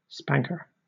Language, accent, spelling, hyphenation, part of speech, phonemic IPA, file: English, Southern England, spanker, span‧ker, noun, /ˈspæ̞ŋkə/, LL-Q1860 (eng)-spanker.wav
- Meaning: 1. Someone who spanks 2. An instrument used to give someone a spanking or spank, such as a paddle 3. A fore-and-aft gaff-rigged sail on the aft-most mast of a square-rigged vessel